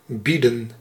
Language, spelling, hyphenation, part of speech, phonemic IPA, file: Dutch, bieden, bie‧den, verb, /ˈbi.də(n)/, Nl-bieden.ogg
- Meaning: 1. to offer 2. to bid